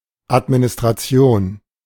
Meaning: 1. administration, management 2. administration, government
- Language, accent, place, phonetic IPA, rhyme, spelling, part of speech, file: German, Germany, Berlin, [atminɪstʁaˈt͡si̯oːn], -oːn, Administration, noun, De-Administration.ogg